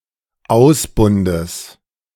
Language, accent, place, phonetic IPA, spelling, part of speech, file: German, Germany, Berlin, [ˈaʊ̯sˌbʊndəs], Ausbundes, noun, De-Ausbundes.ogg
- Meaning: genitive singular of Ausbund